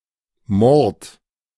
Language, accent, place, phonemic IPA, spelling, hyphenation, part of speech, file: German, Germany, Berlin, /mɔrt/, Mord, Mord, noun, De-Mord.ogg
- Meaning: murder